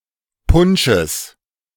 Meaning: genitive singular of Punsch
- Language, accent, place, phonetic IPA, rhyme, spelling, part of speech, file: German, Germany, Berlin, [ˈpʊnʃəs], -ʊnʃəs, Punsches, noun, De-Punsches.ogg